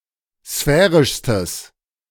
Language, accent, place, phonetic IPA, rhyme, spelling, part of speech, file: German, Germany, Berlin, [ˈsfɛːʁɪʃstəs], -ɛːʁɪʃstəs, sphärischstes, adjective, De-sphärischstes.ogg
- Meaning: strong/mixed nominative/accusative neuter singular superlative degree of sphärisch